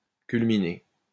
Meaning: 1. to culminate (to come to an end) 2. to culminate; reach the highest point
- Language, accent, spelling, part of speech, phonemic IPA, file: French, France, culminer, verb, /kyl.mi.ne/, LL-Q150 (fra)-culminer.wav